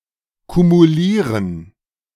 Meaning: to cumulate
- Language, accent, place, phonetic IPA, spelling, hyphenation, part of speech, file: German, Germany, Berlin, [kumuˈliːʁən], kumulieren, ku‧mu‧lie‧ren, verb, De-kumulieren.ogg